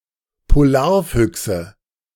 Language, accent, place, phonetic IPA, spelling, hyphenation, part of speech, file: German, Germany, Berlin, [poˈlaːɐ̯ˌfʏksə], Polarfüchse, Po‧lar‧füch‧se, noun, De-Polarfüchse.ogg
- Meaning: nominative/accusative/genitive plural of Polarfuchs